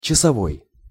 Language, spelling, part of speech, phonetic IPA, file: Russian, часовой, adjective / noun, [t͡ɕɪsɐˈvoj], Ru-часовой.ogg
- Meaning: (adjective) 1. hour 2. one-hour, hour-long 3. by the hour 4. watch, clock, horological; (noun) sentry, sentinel